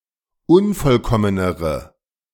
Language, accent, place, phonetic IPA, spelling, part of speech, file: German, Germany, Berlin, [ˈʊnfɔlˌkɔmənəʁə], unvollkommenere, adjective, De-unvollkommenere.ogg
- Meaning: inflection of unvollkommen: 1. strong/mixed nominative/accusative feminine singular comparative degree 2. strong nominative/accusative plural comparative degree